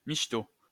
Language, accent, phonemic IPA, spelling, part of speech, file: French, France, /miʃ.to/, michto, adjective / noun, LL-Q150 (fra)-michto.wav
- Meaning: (adjective) dope, bomb, lit, peng (pleasant, good); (noun) 1. gold digger 2. prostitute